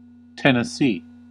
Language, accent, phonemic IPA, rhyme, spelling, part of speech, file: English, US, /ˌtɪnəˈsiː/, -iː, Tennessee, proper noun / noun, En-us-Tennessee.ogg
- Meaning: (proper noun) 1. A state of the United States 2. A river in Tennessee, Alabama, Mississippi and Kentucky, United States, that flows from eastern Tennessee into the Ohio River